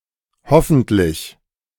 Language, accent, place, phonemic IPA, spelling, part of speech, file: German, Germany, Berlin, /ˈhɔfn̩tlɪç/, hoffentlich, adverb, De-hoffentlich.ogg
- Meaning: hopefully (it is hoped that)